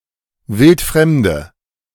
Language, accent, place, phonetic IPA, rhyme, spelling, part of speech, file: German, Germany, Berlin, [ˈvɪltˈfʁɛmdə], -ɛmdə, wildfremde, adjective, De-wildfremde.ogg
- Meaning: inflection of wildfremd: 1. strong/mixed nominative/accusative feminine singular 2. strong nominative/accusative plural 3. weak nominative all-gender singular